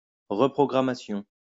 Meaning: reprogramming
- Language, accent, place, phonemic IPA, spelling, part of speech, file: French, France, Lyon, /ʁə.pʁɔ.ɡʁa.ma.sjɔ̃/, reprogrammation, noun, LL-Q150 (fra)-reprogrammation.wav